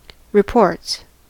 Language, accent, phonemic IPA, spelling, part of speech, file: English, US, /ɹɪˈpɔɹts/, reports, noun / verb, En-us-reports.ogg
- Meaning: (noun) plural of report; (verb) third-person singular simple present indicative of report